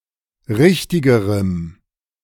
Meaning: strong dative masculine/neuter singular comparative degree of richtig
- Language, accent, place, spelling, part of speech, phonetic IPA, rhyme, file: German, Germany, Berlin, richtigerem, adjective, [ˈʁɪçtɪɡəʁəm], -ɪçtɪɡəʁəm, De-richtigerem.ogg